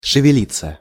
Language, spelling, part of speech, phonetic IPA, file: Russian, шевелиться, verb, [ʂɨvʲɪˈlʲit͡sːə], Ru-шевелиться.ogg
- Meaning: 1. to move, to stir, to budge 2. to awaken, to show signs of life 3. (thoughts, feelings, etc.) to appear 4. passive of шевели́ть (ševelítʹ)